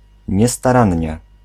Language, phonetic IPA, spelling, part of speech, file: Polish, [ˌɲɛstaˈrãɲːɛ], niestarannie, adverb, Pl-niestarannie.ogg